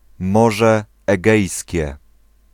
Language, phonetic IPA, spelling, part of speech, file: Polish, [ˈmɔʒɛ ːˈɡɛjsʲcɛ], Morze Egejskie, proper noun, Pl-Morze Egejskie.ogg